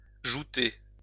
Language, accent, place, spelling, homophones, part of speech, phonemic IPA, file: French, France, Lyon, jouter, joutai / jouté / joutez, verb, /ʒu.te/, LL-Q150 (fra)-jouter.wav
- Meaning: to joust (participate in jousting)